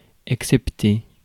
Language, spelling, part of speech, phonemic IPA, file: French, excepter, verb, /ɛk.sɛp.te/, Fr-excepter.ogg
- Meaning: to exclude (not to count, to make an exception for)